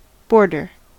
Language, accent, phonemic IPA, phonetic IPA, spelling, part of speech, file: English, US, /ˈbɔɹ.dɚ/, [ˈbo̞ɹ.dɚ], border, noun / verb, En-us-border.ogg
- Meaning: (noun) 1. The line or frontier area separating political or geographical regions 2. The outer edge of something 3. A decorative strip around the edge of something